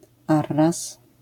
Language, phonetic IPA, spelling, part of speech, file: Polish, [ˈarːas], arras, noun, LL-Q809 (pol)-arras.wav